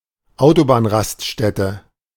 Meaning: service area, motorway restaurant
- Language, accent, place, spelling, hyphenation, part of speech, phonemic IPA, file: German, Germany, Berlin, Autobahnraststätte, Au‧to‧bahn‧rast‧stät‧te, noun, /ˈʔaʊ̯tobaːnˌʁastʃtɛtə/, De-Autobahnraststätte.ogg